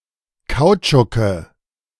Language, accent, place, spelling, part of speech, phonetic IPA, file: German, Germany, Berlin, Kautschuke, noun, [ˈkaʊ̯t͡ʃʊkə], De-Kautschuke.ogg
- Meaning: nominative/accusative/genitive plural of Kautschuk